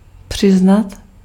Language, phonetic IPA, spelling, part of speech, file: Czech, [ˈpr̝̊ɪznat], přiznat, verb, Cs-přiznat.ogg
- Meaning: 1. to admit, to acknowledge 2. to give, to grant 3. to admit guilt, to plead guilty, to confess